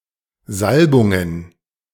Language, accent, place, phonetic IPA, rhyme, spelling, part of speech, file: German, Germany, Berlin, [ˈzalbʊŋən], -albʊŋən, Salbungen, noun, De-Salbungen.ogg
- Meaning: plural of Salbung